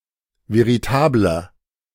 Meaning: 1. comparative degree of veritabel 2. inflection of veritabel: strong/mixed nominative masculine singular 3. inflection of veritabel: strong genitive/dative feminine singular
- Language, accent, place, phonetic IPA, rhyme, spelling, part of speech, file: German, Germany, Berlin, [veʁiˈtaːblɐ], -aːblɐ, veritabler, adjective, De-veritabler.ogg